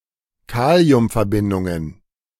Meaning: plural of Kaliumverbindung
- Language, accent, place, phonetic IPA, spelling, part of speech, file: German, Germany, Berlin, [ˈkaːli̯ʊmfɛɐ̯ˌbɪndʊŋən], Kaliumverbindungen, noun, De-Kaliumverbindungen.ogg